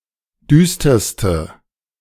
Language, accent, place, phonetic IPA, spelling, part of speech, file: German, Germany, Berlin, [ˈdyːstɐstə], düsterste, adjective, De-düsterste.ogg
- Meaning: inflection of düster: 1. strong/mixed nominative/accusative feminine singular superlative degree 2. strong nominative/accusative plural superlative degree